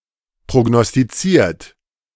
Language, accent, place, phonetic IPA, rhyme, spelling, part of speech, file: German, Germany, Berlin, [pʁoɡnɔstiˈt͡siːɐ̯t], -iːɐ̯t, prognostiziert, adjective / verb, De-prognostiziert.ogg
- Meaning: 1. past participle of prognostizieren 2. inflection of prognostizieren: third-person singular present 3. inflection of prognostizieren: second-person plural present